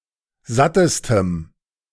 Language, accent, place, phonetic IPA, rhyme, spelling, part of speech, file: German, Germany, Berlin, [ˈzatəstəm], -atəstəm, sattestem, adjective, De-sattestem.ogg
- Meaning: strong dative masculine/neuter singular superlative degree of satt